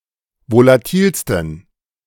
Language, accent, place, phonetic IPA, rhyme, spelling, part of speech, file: German, Germany, Berlin, [volaˈtiːlstn̩], -iːlstn̩, volatilsten, adjective, De-volatilsten.ogg
- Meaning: 1. superlative degree of volatil 2. inflection of volatil: strong genitive masculine/neuter singular superlative degree